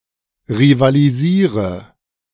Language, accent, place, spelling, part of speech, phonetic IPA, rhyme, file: German, Germany, Berlin, rivalisiere, verb, [ʁivaliˈziːʁə], -iːʁə, De-rivalisiere.ogg
- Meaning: inflection of rivalisieren: 1. first-person singular present 2. first/third-person singular subjunctive I 3. singular imperative